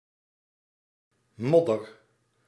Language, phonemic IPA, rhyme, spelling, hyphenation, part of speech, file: Dutch, /ˈmɔ.dər/, -ɔdər, modder, mod‧der, noun, Nl-modder.ogg
- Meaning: mud